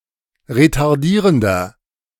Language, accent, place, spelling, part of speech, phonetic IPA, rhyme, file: German, Germany, Berlin, retardierender, adjective, [ʁetaʁˈdiːʁəndɐ], -iːʁəndɐ, De-retardierender.ogg
- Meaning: inflection of retardierend: 1. strong/mixed nominative masculine singular 2. strong genitive/dative feminine singular 3. strong genitive plural